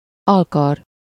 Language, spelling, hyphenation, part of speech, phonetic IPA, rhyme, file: Hungarian, alkar, al‧kar, noun, [ˈɒlkɒr], -ɒr, Hu-alkar.ogg
- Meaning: forearm (the part of the arm between the wrist and the elbow)